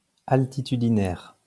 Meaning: altitudinal
- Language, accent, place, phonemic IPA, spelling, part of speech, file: French, France, Lyon, /al.ti.ty.di.nɛʁ/, altitudinaire, adjective, LL-Q150 (fra)-altitudinaire.wav